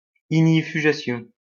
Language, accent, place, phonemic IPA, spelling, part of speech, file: French, France, Lyon, /iɡ.ni.fy.ɡa.sjɔ̃/, ignifugation, noun, LL-Q150 (fra)-ignifugation.wav
- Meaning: fireproofing